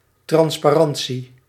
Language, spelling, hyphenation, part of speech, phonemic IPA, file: Dutch, transparantie, trans‧pa‧ran‧tie, noun, /ˌtrɑnspaˈrɑn(t)si/, Nl-transparantie.ogg
- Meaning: transparency